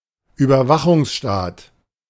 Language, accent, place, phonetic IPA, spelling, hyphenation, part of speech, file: German, Germany, Berlin, [yːbɐˈvaxʊŋsˌʃtaːt], Überwachungsstaat, Über‧wa‧chungs‧staat, noun, De-Überwachungsstaat.ogg
- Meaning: surveillance state